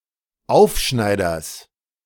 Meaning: genitive singular of Aufschneider
- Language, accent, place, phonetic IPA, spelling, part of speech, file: German, Germany, Berlin, [ˈaʊ̯fˌʃnaɪ̯dɐs], Aufschneiders, noun, De-Aufschneiders.ogg